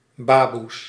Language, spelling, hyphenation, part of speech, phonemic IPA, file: Dutch, baboes, ba‧boes, noun, /ˈbaːbus/, Nl-baboes.ogg
- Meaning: plural of baboe